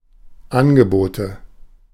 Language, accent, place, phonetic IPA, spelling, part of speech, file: German, Germany, Berlin, [ˈanɡəˌboːtə], Angebote, noun, De-Angebote.ogg
- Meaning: nominative/accusative/genitive plural of Angebot